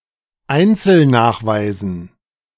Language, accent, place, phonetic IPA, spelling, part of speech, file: German, Germany, Berlin, [ˈaɪ̯nt͡sl̩ˌnaːxvaɪ̯zn̩], Einzelnachweisen, noun, De-Einzelnachweisen.ogg
- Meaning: dative plural of Einzelnachweis